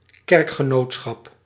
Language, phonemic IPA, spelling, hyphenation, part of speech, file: Dutch, /ˈkɛrk.xəˌnoːt.sxɑp/, kerkgenootschap, kerk‧ge‧noot‧schap, noun, Nl-kerkgenootschap.ogg
- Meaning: religious denomination